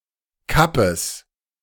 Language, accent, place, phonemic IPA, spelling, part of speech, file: German, Germany, Berlin, /ˈkapəs/, Kappes, noun, De-Kappes.ogg
- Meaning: 1. cabbage, Brassica oleracea 2. nonsense